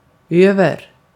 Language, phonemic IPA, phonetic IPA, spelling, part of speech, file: Swedish, /ˈøːvɛr/, [ˈøə̯vɛ̠r], över, adverb / preposition / postposition, Sv-över.ogg
- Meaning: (adverb) 1. over; above; more than 2. over; across 3. over, (send) over, (transfer) over; transfer 4. over the goal; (preposition) 1. above 2. over; covering or worn over something else